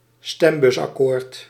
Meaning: electoral agreement among political parties about a policy or a few related policies
- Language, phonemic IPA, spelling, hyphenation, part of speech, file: Dutch, /ˈstɛm.bʏs.ɑˌkoːrt/, stembusakkoord, stem‧bus‧ak‧koord, noun, Nl-stembusakkoord.ogg